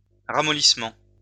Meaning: softening
- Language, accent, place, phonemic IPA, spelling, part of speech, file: French, France, Lyon, /ʁa.mɔ.lis.mɑ̃/, ramollissement, noun, LL-Q150 (fra)-ramollissement.wav